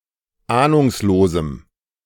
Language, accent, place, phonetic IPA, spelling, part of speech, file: German, Germany, Berlin, [ˈaːnʊŋsloːzm̩], ahnungslosem, adjective, De-ahnungslosem.ogg
- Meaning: strong dative masculine/neuter singular of ahnungslos